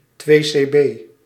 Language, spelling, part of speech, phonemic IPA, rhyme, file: Dutch, 2C-B, noun, /tʋeː.seːˈbeː/, -eː, Nl-2C-B.ogg
- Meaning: 2C-B